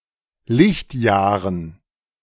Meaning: dative plural of Lichtjahr
- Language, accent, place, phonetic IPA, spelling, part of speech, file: German, Germany, Berlin, [ˈlɪçtˌjaːʁən], Lichtjahren, noun, De-Lichtjahren.ogg